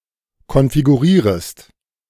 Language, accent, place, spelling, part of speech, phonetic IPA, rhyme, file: German, Germany, Berlin, konfigurierest, verb, [kɔnfiɡuˈʁiːʁəst], -iːʁəst, De-konfigurierest.ogg
- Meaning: second-person singular subjunctive I of konfigurieren